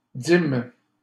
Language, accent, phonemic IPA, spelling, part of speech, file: French, Canada, /dim/, dîme, noun, LL-Q150 (fra)-dîme.wav
- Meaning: tithe